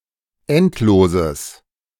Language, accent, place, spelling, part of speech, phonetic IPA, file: German, Germany, Berlin, endloses, adjective, [ˈɛntˌloːzəs], De-endloses.ogg
- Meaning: strong/mixed nominative/accusative neuter singular of endlos